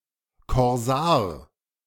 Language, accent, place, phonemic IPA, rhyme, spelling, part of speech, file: German, Germany, Berlin, /kɔʁˈzaːɐ̯/, -aːɐ̯, Korsar, noun, De-Korsar.ogg
- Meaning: corsair, pirate (one who plunders at sea) (of male or unspecified sex)